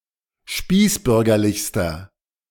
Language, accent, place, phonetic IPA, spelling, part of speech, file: German, Germany, Berlin, [ˈʃpiːsˌbʏʁɡɐlɪçstɐ], spießbürgerlichster, adjective, De-spießbürgerlichster.ogg
- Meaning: inflection of spießbürgerlich: 1. strong/mixed nominative masculine singular superlative degree 2. strong genitive/dative feminine singular superlative degree